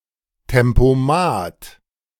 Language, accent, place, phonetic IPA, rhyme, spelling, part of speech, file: German, Germany, Berlin, [tɛmpoˈmaːt], -aːt, Tempomat, noun, De-Tempomat.ogg
- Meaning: cruise control